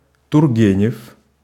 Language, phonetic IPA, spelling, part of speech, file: Russian, [tʊrˈɡʲenʲɪf], Тургенев, proper noun, Ru-Тургенев.ogg
- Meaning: a surname, Turgenev